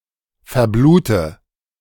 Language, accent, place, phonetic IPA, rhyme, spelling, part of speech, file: German, Germany, Berlin, [fɛɐ̯ˈbluːtə], -uːtə, verblute, verb, De-verblute.ogg
- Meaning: inflection of verbluten: 1. first-person singular present 2. first/third-person singular subjunctive I 3. singular imperative